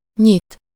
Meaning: to open
- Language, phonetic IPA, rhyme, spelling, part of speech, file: Hungarian, [ˈɲit], -it, nyit, verb, Hu-nyit.ogg